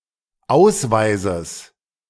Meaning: genitive singular of Ausweis
- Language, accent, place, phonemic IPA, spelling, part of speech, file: German, Germany, Berlin, /ˈʔaʊ̯sˌvaɪ̯zəs/, Ausweises, noun, De-Ausweises.ogg